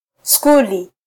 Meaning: alternative form of shule
- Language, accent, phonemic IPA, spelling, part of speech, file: Swahili, Kenya, /ˈsku.li/, skuli, noun, Sw-ke-skuli.flac